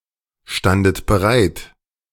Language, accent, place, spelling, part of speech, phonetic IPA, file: German, Germany, Berlin, standet bereit, verb, [ˌʃtandət bəˈʁaɪ̯t], De-standet bereit.ogg
- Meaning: second-person plural preterite of bereitstehen